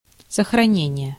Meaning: 1. preservation, conservation (the act of preserving, conserving) 2. saving (e.g. a computer file) 3. safe-keeping
- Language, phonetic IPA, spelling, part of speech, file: Russian, [səxrɐˈnʲenʲɪje], сохранение, noun, Ru-сохранение.ogg